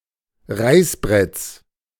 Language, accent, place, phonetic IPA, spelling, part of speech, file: German, Germany, Berlin, [ˈʁaɪ̯sˌbʁɛt͡s], Reißbretts, noun, De-Reißbretts.ogg
- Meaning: genitive of Reißbrett